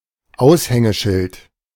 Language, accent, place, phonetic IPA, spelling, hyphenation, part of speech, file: German, Germany, Berlin, [ˈaʊ̯shɛŋəˌʃɪlt], Aushängeschild, Aus‧hän‧ge‧schild, noun, De-Aushängeschild.ogg
- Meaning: 1. sign for advertising 2. poster child